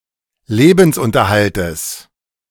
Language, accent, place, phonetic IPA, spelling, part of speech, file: German, Germany, Berlin, [ˈleːbn̩sˌʔʊntɐhaltəs], Lebensunterhaltes, noun, De-Lebensunterhaltes.ogg
- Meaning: genitive singular of Lebensunterhalt